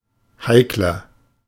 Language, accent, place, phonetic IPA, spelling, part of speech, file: German, Germany, Berlin, [ˈhaɪ̯klɐ], heikler, adjective, De-heikler.ogg
- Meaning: 1. comparative degree of heikel 2. inflection of heikel: strong/mixed nominative masculine singular 3. inflection of heikel: strong genitive/dative feminine singular